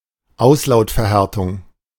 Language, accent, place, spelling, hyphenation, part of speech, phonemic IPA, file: German, Germany, Berlin, Auslautverhärtung, Aus‧laut‧ver‧här‧tung, noun, /ˈaʊ̯slaʊ̯tfɛɐ̯ˌhɛʁtʊŋ/, De-Auslautverhärtung.ogg
- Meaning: final obstruent devoicing